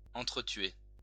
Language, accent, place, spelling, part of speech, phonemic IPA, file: French, France, Lyon, entretuer, verb, /ɑ̃.tʁə.tɥe/, LL-Q150 (fra)-entretuer.wav
- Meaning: to kill each other